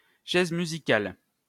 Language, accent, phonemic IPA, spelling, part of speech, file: French, France, /ʃɛz my.zi.kal/, chaises musicales, noun, LL-Q150 (fra)-chaises musicales.wav
- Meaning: 1. musical chairs (game) 2. musical chairs, reshuffling